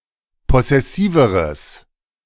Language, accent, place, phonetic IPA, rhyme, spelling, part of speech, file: German, Germany, Berlin, [ˌpɔsɛˈsiːvəʁəs], -iːvəʁəs, possessiveres, adjective, De-possessiveres.ogg
- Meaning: strong/mixed nominative/accusative neuter singular comparative degree of possessiv